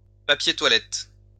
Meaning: toilet paper
- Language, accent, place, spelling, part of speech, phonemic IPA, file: French, France, Lyon, papier toilette, noun, /pa.pje twa.lɛt/, LL-Q150 (fra)-papier toilette.wav